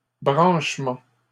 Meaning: 1. connection 2. plugging in, linking up
- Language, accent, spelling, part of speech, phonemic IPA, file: French, Canada, branchement, noun, /bʁɑ̃ʃ.mɑ̃/, LL-Q150 (fra)-branchement.wav